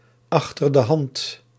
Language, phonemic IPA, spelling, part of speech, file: Dutch, /ˌɑx.tər də ˈɦɑnt/, achter de hand, prepositional phrase, Nl-achter de hand.ogg
- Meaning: in reserve, kept aside for when the need arises